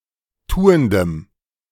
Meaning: strong dative masculine/neuter singular of tuend
- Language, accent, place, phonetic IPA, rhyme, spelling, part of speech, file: German, Germany, Berlin, [ˈtuːəndəm], -uːəndəm, tuendem, adjective, De-tuendem.ogg